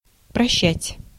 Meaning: 1. to forgive, to pardon, to excuse 2. to remit 3. to condone, to overlook 4. to farewell
- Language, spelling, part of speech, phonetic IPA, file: Russian, прощать, verb, [prɐˈɕːætʲ], Ru-прощать.ogg